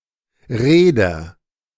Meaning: shipowner (male or of unspecified sex)
- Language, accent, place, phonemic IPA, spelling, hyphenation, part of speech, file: German, Germany, Berlin, /ˈʁeːdɐ/, Reeder, Ree‧der, noun, De-Reeder.ogg